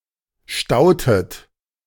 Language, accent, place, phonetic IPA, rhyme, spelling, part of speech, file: German, Germany, Berlin, [ˈʃtaʊ̯tət], -aʊ̯tət, stautet, verb, De-stautet.ogg
- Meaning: inflection of stauen: 1. second-person plural preterite 2. second-person plural subjunctive II